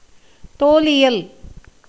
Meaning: dermatology
- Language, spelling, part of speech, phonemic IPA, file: Tamil, தோலியல், noun, /t̪oːlɪjɐl/, Ta-தோலியல்.ogg